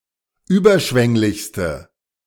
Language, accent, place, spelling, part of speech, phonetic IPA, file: German, Germany, Berlin, überschwänglichste, adjective, [ˈyːbɐˌʃvɛŋlɪçstə], De-überschwänglichste.ogg
- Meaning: inflection of überschwänglich: 1. strong/mixed nominative/accusative feminine singular superlative degree 2. strong nominative/accusative plural superlative degree